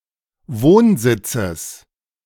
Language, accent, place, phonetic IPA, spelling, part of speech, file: German, Germany, Berlin, [ˈvoːnˌzɪt͡səs], Wohnsitzes, noun, De-Wohnsitzes.ogg
- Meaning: genitive singular of Wohnsitz